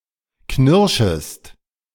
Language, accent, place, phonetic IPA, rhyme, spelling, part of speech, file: German, Germany, Berlin, [ˈknɪʁʃəst], -ɪʁʃəst, knirschest, verb, De-knirschest.ogg
- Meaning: second-person singular subjunctive I of knirschen